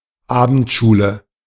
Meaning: night school
- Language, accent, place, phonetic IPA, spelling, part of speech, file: German, Germany, Berlin, [ˈaːbn̩tˌʃuːlə], Abendschule, noun, De-Abendschule.ogg